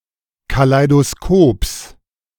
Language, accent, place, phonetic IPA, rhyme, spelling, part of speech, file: German, Germany, Berlin, [kalaɪ̯doˈskoːps], -oːps, Kaleidoskops, noun, De-Kaleidoskops.ogg
- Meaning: genitive singular of Kaleidoskop